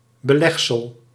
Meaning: 1. toppings to be used on bread; spread or cold cuts 2. a fringe or border on an item of clothing, usually with a decorative function
- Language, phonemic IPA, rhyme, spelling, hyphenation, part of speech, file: Dutch, /bəˈlɛx.səl/, -ɛxsəl, belegsel, be‧leg‧sel, noun, Nl-belegsel.ogg